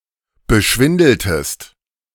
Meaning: inflection of beschwindeln: 1. second-person singular preterite 2. second-person singular subjunctive II
- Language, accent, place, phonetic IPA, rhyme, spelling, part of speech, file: German, Germany, Berlin, [bəˈʃvɪndl̩təst], -ɪndl̩təst, beschwindeltest, verb, De-beschwindeltest.ogg